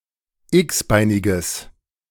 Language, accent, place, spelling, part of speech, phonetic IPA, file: German, Germany, Berlin, x-beiniges, adjective, [ˈɪksˌbaɪ̯nɪɡəs], De-x-beiniges.ogg
- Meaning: strong/mixed nominative/accusative neuter singular of x-beinig